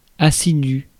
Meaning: assiduous (hard-working, diligent)
- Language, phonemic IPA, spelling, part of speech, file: French, /a.si.dy/, assidu, adjective, Fr-assidu.ogg